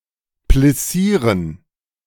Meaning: to pleat
- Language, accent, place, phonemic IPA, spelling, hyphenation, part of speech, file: German, Germany, Berlin, /plɪˈsiːʁən/, plissieren, plis‧sie‧ren, verb, De-plissieren.ogg